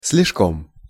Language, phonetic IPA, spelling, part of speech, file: Russian, [s‿lʲɪʂˈkom], с лишком, adverb, Ru-с лишком.ogg
- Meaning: a little over